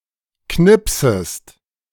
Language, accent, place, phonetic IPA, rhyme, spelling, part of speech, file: German, Germany, Berlin, [ˈknɪpsəst], -ɪpsəst, knipsest, verb, De-knipsest.ogg
- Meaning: second-person singular subjunctive I of knipsen